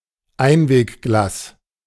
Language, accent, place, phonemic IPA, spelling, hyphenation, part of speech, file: German, Germany, Berlin, /ˈaɪ̯nveːkˌɡlaːs/, Einwegglas, Ein‧weg‧glas, noun, De-Einwegglas.ogg
- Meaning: disposable glass